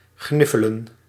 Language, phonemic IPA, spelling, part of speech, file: Dutch, /ˈɣnɪfələ(n)/, gniffelen, verb, Nl-gniffelen.ogg
- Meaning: to snigger, chuckle, to laugh quietly